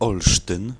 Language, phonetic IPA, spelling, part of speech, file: Polish, [ˈɔlʃtɨ̃n], Olsztyn, proper noun, Pl-Olsztyn.ogg